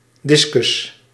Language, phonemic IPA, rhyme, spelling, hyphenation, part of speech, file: Dutch, /ˈdɪskʏs/, -ɪskʏs, discus, dis‧cus, noun, Nl-discus.ogg
- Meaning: discus